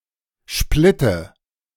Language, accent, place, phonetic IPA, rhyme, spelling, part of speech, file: German, Germany, Berlin, [ˈʃplɪtə], -ɪtə, Splitte, noun, De-Splitte.ogg
- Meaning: dative of Splitt